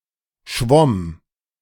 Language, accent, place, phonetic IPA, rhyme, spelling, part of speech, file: German, Germany, Berlin, [ʃvɔm], -ɔm, schwomm, verb, De-schwomm.ogg
- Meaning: first/third-person singular preterite of schwimmen